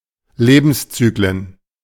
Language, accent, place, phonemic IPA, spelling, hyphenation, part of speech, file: German, Germany, Berlin, /ˈleːbənsˌt͡syːklən/, Lebenszyklen, Le‧bens‧zy‧klen, noun, De-Lebenszyklen.ogg
- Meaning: plural of Lebenszyklus